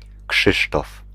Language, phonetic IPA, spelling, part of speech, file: Polish, [ˈkʃɨʃtɔf], Krzysztof, proper noun, Pl-Krzysztof.ogg